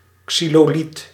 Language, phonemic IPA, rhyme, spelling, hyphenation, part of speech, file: Dutch, /ˌksi.loːˈlit/, -it, xyloliet, xy‧lo‧liet, noun, Nl-xyloliet.ogg
- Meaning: an artificial stone made of compressed magnesite and cellulose